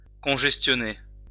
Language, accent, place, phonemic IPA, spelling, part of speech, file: French, France, Lyon, /kɔ̃.ʒɛs.tjɔ.ne/, congestionner, verb, LL-Q150 (fra)-congestionner.wav
- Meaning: 1. to congest 2. to make flushed